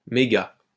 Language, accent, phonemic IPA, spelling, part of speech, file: French, France, /me.ɡa/, méga-, prefix, LL-Q150 (fra)-méga-.wav
- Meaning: mega-